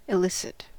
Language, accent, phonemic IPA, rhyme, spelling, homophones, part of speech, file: English, US, /ɪˈlɪsɪt/, -ɪsɪt, elicit, illicit, verb / adjective, En-us-elicit.ogg
- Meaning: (verb) To evoke, educe (emotions, feelings, responses, etc.); to generate, obtain, or provoke as a response or answer